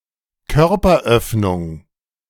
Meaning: body orifice
- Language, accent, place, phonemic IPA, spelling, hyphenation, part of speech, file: German, Germany, Berlin, /ˈkœʁpɐˌʔœfnʊŋ/, Körperöffnung, Kör‧per‧öff‧nung, noun, De-Körperöffnung.ogg